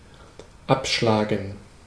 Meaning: 1. to cut off, chop off 2. to refuse, to deny, to reject (a request) 3. to tee off 4. to punt 5. to take down (a tent)
- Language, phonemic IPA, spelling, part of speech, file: German, /ˈapʃlaːɡŋ/, abschlagen, verb, De-abschlagen.ogg